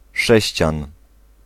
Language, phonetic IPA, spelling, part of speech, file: Polish, [ˈʃɛɕt͡ɕãn], sześcian, noun, Pl-sześcian.ogg